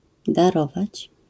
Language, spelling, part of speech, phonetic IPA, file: Polish, darować, verb, [daˈrɔvat͡ɕ], LL-Q809 (pol)-darować.wav